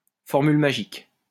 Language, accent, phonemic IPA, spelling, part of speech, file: French, France, /fɔʁ.myl ma.ʒik/, formule magique, noun, LL-Q150 (fra)-formule magique.wav
- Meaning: 1. magic formula, magic spell, magic word 2. magic bullet